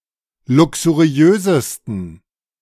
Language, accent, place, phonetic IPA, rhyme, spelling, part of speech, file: German, Germany, Berlin, [ˌlʊksuˈʁi̯øːzəstn̩], -øːzəstn̩, luxuriösesten, adjective, De-luxuriösesten.ogg
- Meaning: 1. superlative degree of luxuriös 2. inflection of luxuriös: strong genitive masculine/neuter singular superlative degree